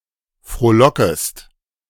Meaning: second-person singular subjunctive I of frohlocken
- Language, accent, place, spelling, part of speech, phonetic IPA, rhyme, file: German, Germany, Berlin, frohlockest, verb, [fʁoːˈlɔkəst], -ɔkəst, De-frohlockest.ogg